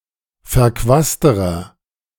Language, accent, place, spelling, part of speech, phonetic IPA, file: German, Germany, Berlin, verquasterer, adjective, [fɛɐ̯ˈkvaːstəʁɐ], De-verquasterer.ogg
- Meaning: inflection of verquast: 1. strong/mixed nominative masculine singular comparative degree 2. strong genitive/dative feminine singular comparative degree 3. strong genitive plural comparative degree